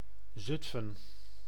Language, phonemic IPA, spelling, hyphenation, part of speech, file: Dutch, /ˈzʏt.fə(n)/, Zutphen, Zut‧phen, proper noun, Nl-Zutphen.ogg
- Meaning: Zutphen (a city and municipality of Gelderland, Netherlands)